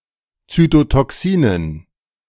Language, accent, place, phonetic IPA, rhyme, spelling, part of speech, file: German, Germany, Berlin, [ˌt͡sytotɔˈksiːnən], -iːnən, Zytotoxinen, noun, De-Zytotoxinen.ogg
- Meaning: dative plural of Zytotoxin